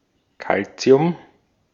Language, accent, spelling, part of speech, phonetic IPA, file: German, Austria, Calcium, noun, [ˈkalt͡si̯ʊm], De-at-Calcium.ogg
- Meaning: alternative form of Kalzium